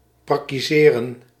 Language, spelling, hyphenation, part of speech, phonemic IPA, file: Dutch, prakkiseren, prak‧ki‧se‧ren, verb, /ˌprɑ.kiˈzeː.rə(n)/, Nl-prakkiseren.ogg
- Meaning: to ponder, to mull, to ruminate